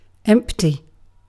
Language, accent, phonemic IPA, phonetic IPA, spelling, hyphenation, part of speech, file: English, UK, /ˈɛm(p).ti/, [ˈɛm(p).tʰi], empty, emp‧ty, adjective / verb / noun, En-uk-empty.ogg
- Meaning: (adjective) 1. Devoid of content; containing nothing or nobody; vacant 2. Containing no elements (as of a string, array, or set), opposed to being null (having no valid value)